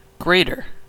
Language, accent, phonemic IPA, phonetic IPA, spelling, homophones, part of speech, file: English, US, /ˈɡɹeɪtɚ/, [ˈɡɹeɪɾɚ], greater, grater, adjective, Greater-pronunciation-us.ogg
- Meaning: 1. comparative form of great: more great 2. Of two (or, rarely, more than two) things: the larger in size (bigger), in value, in importance etc